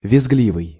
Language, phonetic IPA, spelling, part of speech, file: Russian, [vʲɪzˈɡlʲivɨj], визгливый, adjective, Ru-визгливый.ogg
- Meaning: 1. shrill, screechy (of a voice or sound) 2. screechy, prone to screeching or screaming (of a person or manner)